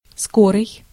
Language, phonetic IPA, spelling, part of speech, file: Russian, [ˈskorɨj], скорый, adjective, Ru-скорый.ogg
- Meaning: 1. fast, quick, rapid, speedy, swift 2. forthcoming, upcoming 3. express